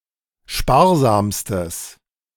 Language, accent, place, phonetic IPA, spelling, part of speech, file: German, Germany, Berlin, [ˈʃpaːɐ̯ˌzaːmstəs], sparsamstes, adjective, De-sparsamstes.ogg
- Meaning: strong/mixed nominative/accusative neuter singular superlative degree of sparsam